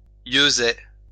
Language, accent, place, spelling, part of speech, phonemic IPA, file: French, France, Lyon, yeusaie, noun, /jø.zɛ/, LL-Q150 (fra)-yeusaie.wav
- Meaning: 1. a group of holm oaks 2. a grove of similar trees